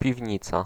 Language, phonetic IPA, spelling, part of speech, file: Polish, [pʲivʲˈɲit͡sa], piwnica, noun, Pl-piwnica.ogg